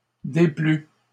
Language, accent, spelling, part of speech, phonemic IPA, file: French, Canada, déplût, verb, /de.ply/, LL-Q150 (fra)-déplût.wav
- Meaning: third-person singular imperfect subjunctive of déplaire